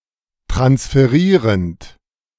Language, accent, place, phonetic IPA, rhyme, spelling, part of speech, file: German, Germany, Berlin, [tʁansfəˈʁiːʁənt], -iːʁənt, transferierend, verb, De-transferierend.ogg
- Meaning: present participle of transferieren